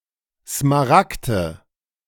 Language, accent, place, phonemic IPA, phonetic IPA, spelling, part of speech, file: German, Germany, Berlin, /smaˈrakdə/, [smaˈʁak.d̥ə], Smaragde, noun, De-Smaragde.ogg
- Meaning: nominative/accusative/genitive plural of Smaragd